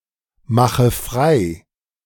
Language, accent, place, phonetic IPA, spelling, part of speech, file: German, Germany, Berlin, [ˌmaxə ˈfʁaɪ̯], mache frei, verb, De-mache frei.ogg
- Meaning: inflection of freimachen: 1. first-person singular present 2. first/third-person singular subjunctive I 3. singular imperative